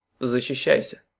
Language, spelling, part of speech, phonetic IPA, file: Russian, защищайся, verb, [zəɕːɪˈɕːæjsʲə], Ru-защищайся.ogg
- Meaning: second-person singular imperative imperfective of защища́ться (zaščiščátʹsja)